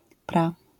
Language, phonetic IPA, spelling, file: Polish, [pra], pra-, LL-Q809 (pol)-pra-.wav